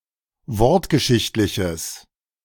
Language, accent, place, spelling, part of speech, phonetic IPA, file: German, Germany, Berlin, wortgeschichtliches, adjective, [ˈvɔʁtɡəˌʃɪçtlɪçəs], De-wortgeschichtliches.ogg
- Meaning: strong/mixed nominative/accusative neuter singular of wortgeschichtlich